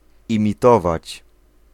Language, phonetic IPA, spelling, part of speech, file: Polish, [ˌĩmʲiˈtɔvat͡ɕ], imitować, verb, Pl-imitować.ogg